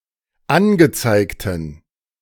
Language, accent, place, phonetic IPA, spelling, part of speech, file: German, Germany, Berlin, [ˈanɡəˌt͡saɪ̯ktn̩], angezeigten, adjective, De-angezeigten.ogg
- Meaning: inflection of angezeigt: 1. strong genitive masculine/neuter singular 2. weak/mixed genitive/dative all-gender singular 3. strong/weak/mixed accusative masculine singular 4. strong dative plural